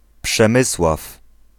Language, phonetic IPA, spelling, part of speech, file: Polish, [pʃɛ̃ˈmɨswaf], Przemysław, proper noun / noun, Pl-Przemysław.ogg